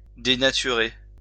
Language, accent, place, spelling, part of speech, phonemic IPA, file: French, France, Lyon, dénaturer, verb, /de.na.ty.ʁe/, LL-Q150 (fra)-dénaturer.wav
- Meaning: 1. to misrepresent 2. to denature